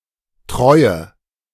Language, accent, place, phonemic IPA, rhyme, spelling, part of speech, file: German, Germany, Berlin, /ˈtʁɔɪ̯ə/, -ɔɪ̯ə, Treue, noun, De-Treue.ogg
- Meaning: faithfulness, loyalty